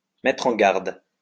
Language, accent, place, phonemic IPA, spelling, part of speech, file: French, France, Lyon, /mɛ.tʁ‿ɑ̃ ɡaʁd/, mettre en garde, verb, LL-Q150 (fra)-mettre en garde.wav
- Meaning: to warn, to alert, to caution